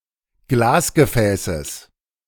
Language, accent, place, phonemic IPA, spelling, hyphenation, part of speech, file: German, Germany, Berlin, /ˈɡlaːsɡəˌfɛːsəs/, Glasgefäßes, Glas‧ge‧fä‧ßes, noun, De-Glasgefäßes.ogg
- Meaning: genitive singular of Glasgefäß